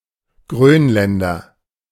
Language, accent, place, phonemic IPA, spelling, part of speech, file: German, Germany, Berlin, /ˈɡʁøːnlɛndɐ/, Grönländer, noun, De-Grönländer.ogg
- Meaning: Greenlander (man from Greenland or of Greenlandic descent)